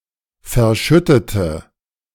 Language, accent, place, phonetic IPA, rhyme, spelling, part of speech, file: German, Germany, Berlin, [fɛɐ̯ˈʃʏtətə], -ʏtətə, verschüttete, adjective / verb, De-verschüttete.ogg
- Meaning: inflection of verschütten: 1. first/third-person singular preterite 2. first/third-person singular subjunctive II